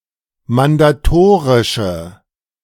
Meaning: inflection of mandatorisch: 1. strong/mixed nominative/accusative feminine singular 2. strong nominative/accusative plural 3. weak nominative all-gender singular
- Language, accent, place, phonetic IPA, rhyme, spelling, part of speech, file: German, Germany, Berlin, [mandaˈtoːʁɪʃə], -oːʁɪʃə, mandatorische, adjective, De-mandatorische.ogg